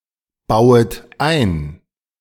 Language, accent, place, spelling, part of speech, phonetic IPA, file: German, Germany, Berlin, bauet ein, verb, [ˌbaʊ̯ət ˈaɪ̯n], De-bauet ein.ogg
- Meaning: second-person plural subjunctive I of einbauen